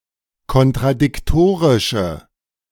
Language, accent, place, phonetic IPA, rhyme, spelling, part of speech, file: German, Germany, Berlin, [kɔntʁadɪkˈtoːʁɪʃə], -oːʁɪʃə, kontradiktorische, adjective, De-kontradiktorische.ogg
- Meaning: inflection of kontradiktorisch: 1. strong/mixed nominative/accusative feminine singular 2. strong nominative/accusative plural 3. weak nominative all-gender singular